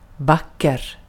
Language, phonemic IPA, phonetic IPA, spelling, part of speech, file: Swedish, /ˈvak.kɛr/, [ˈvacːɛ̠r], vacker, adjective, Sv-vacker.ogg
- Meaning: 1. beautiful 2. pretty, handsome (of an amount or the like)